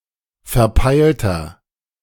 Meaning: 1. comparative degree of verpeilt 2. inflection of verpeilt: strong/mixed nominative masculine singular 3. inflection of verpeilt: strong genitive/dative feminine singular
- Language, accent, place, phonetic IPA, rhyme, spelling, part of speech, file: German, Germany, Berlin, [fɛɐ̯ˈpaɪ̯ltɐ], -aɪ̯ltɐ, verpeilter, adjective, De-verpeilter.ogg